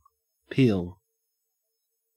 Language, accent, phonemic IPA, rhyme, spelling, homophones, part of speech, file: English, Australia, /piːl/, -iːl, peel, peal, verb / noun, En-au-peel.ogg
- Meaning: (verb) 1. To remove the skin or outer covering of 2. To remove something from the outer or top layer of 3. To become detached, come away, especially in flakes or strips; to shed skin in such a way